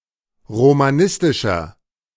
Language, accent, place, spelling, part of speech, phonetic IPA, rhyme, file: German, Germany, Berlin, romanistischer, adjective, [ʁomaˈnɪstɪʃɐ], -ɪstɪʃɐ, De-romanistischer.ogg
- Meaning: 1. comparative degree of romanistisch 2. inflection of romanistisch: strong/mixed nominative masculine singular 3. inflection of romanistisch: strong genitive/dative feminine singular